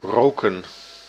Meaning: 1. to smoke (a tobacco product, another drug, a surrogate, a foodstuff) 2. to smoke, to produce smoke 3. inflection of ruiken: plural past indicative 4. inflection of ruiken: plural past subjunctive
- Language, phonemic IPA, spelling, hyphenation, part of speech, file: Dutch, /ˈroːkə(n)/, roken, ro‧ken, verb, Nl-roken.ogg